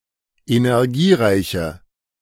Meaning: inflection of energiereich: 1. strong/mixed nominative/accusative feminine singular 2. strong nominative/accusative plural 3. weak nominative all-gender singular
- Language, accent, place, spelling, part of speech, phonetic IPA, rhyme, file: German, Germany, Berlin, energiereiche, adjective, [enɛʁˈɡiːˌʁaɪ̯çə], -iːʁaɪ̯çə, De-energiereiche.ogg